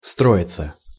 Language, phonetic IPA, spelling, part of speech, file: Russian, [ˈstroɪt͡sə], строиться, verb, Ru-строиться.ogg
- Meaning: 1. to be built, to be under construction 2. to build a house for oneself 3. to draw up, to form, to assume formation 4. passive of стро́ить (stróitʹ)